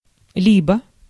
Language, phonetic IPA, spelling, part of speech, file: Russian, [ˈlʲibə], либо, conjunction, Ru-либо.ogg
- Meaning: 1. either ... or 2. or, either that or